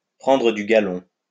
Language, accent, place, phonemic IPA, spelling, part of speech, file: French, France, Lyon, /pʁɑ̃.dʁə dy ɡa.lɔ̃/, prendre du galon, verb, LL-Q150 (fra)-prendre du galon.wav
- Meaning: to get a promotion, to get promoted